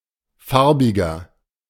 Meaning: 1. person of color 2. inflection of Farbige: strong genitive/dative singular 3. inflection of Farbige: strong genitive plural
- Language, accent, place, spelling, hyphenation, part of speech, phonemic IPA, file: German, Germany, Berlin, Farbiger, Far‧bi‧ger, noun, /ˈfaʁ.bɪ.ɡɐ/, De-Farbiger.ogg